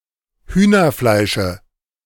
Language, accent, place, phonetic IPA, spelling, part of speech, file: German, Germany, Berlin, [ˈhyːnɐˌflaɪ̯ʃə], Hühnerfleische, noun, De-Hühnerfleische.ogg
- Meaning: dative singular of Hühnerfleisch